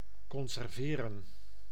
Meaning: 1. to preserve 2. to can (preserve)
- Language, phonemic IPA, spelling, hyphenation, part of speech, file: Dutch, /kɔnzɛrˈveːrə(n)/, conserveren, con‧ser‧ve‧ren, verb, Nl-conserveren.ogg